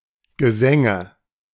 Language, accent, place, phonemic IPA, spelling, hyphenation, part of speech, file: German, Germany, Berlin, /ɡəˈzɛŋə/, Gesänge, Ge‧sän‧ge, noun, De-Gesänge.ogg
- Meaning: nominative/accusative/genitive plural of Gesang